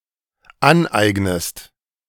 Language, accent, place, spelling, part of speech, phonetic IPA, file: German, Germany, Berlin, aneignest, verb, [ˈanˌʔaɪ̯ɡnəst], De-aneignest.ogg
- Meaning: inflection of aneignen: 1. second-person singular dependent present 2. second-person singular dependent subjunctive I